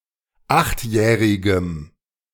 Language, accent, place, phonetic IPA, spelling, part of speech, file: German, Germany, Berlin, [ˈaxtˌjɛːʁɪɡəm], achtjährigem, adjective, De-achtjährigem.ogg
- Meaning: strong dative masculine/neuter singular of achtjährig